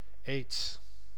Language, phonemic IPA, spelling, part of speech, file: Dutch, /eːts/, aids, noun, Nl-aids.ogg
- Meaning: AIDS